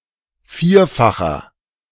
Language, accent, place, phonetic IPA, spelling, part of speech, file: German, Germany, Berlin, [ˈfiːɐ̯faxɐ], vierfacher, adjective, De-vierfacher.ogg
- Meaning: inflection of vierfach: 1. strong/mixed nominative masculine singular 2. strong genitive/dative feminine singular 3. strong genitive plural